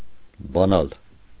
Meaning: to open
- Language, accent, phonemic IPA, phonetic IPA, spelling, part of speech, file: Armenian, Eastern Armenian, /bɑˈnɑl/, [bɑnɑ́l], բանալ, verb, Hy-բանալ.ogg